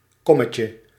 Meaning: diminutive of kom
- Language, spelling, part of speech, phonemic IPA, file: Dutch, kommetje, noun, /ˈkɔməcə/, Nl-kommetje.ogg